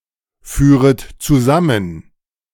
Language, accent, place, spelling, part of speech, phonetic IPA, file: German, Germany, Berlin, führet zusammen, verb, [ˌfyːʁət t͡suˈzamən], De-führet zusammen.ogg
- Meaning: second-person plural subjunctive I of zusammenführen